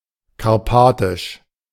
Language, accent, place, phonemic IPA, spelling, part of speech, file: German, Germany, Berlin, /kaʁˈpaːtɪʃ/, karpatisch, adjective, De-karpatisch.ogg
- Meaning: Carpathian